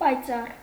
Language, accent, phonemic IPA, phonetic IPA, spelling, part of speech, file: Armenian, Eastern Armenian, /pɑjˈt͡sɑr/, [pɑjt͡sɑ́r], պայծառ, adjective / adverb, Hy-պայծառ.ogg
- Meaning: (adjective) 1. bright, radiant, lustrous 2. clear, limpid, lucid 3. clean, pure, honest (of the mind) 4. happy, joyful, gleeful 5. glowing, fiery; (adverb) brightly, radiantly; happily, joyfully